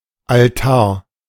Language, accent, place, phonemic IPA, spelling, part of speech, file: German, Germany, Berlin, /alˈtaː(ɐ̯)/, Altar, noun, De-Altar.ogg
- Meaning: altar (table or similar structure used for religious rites)